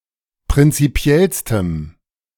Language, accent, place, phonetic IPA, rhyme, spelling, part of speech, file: German, Germany, Berlin, [pʁɪnt͡siˈpi̯ɛlstəm], -ɛlstəm, prinzipiellstem, adjective, De-prinzipiellstem.ogg
- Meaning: strong dative masculine/neuter singular superlative degree of prinzipiell